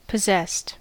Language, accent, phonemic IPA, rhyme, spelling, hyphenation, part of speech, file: English, US, /pəˈzɛst/, -ɛst, possessed, pos‧sessed, verb / adjective, En-us-possessed.ogg
- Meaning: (verb) simple past and past participle of possess; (adjective) 1. Controlled by evil spirits 2. Seized by powerful emotions 3. Having; owning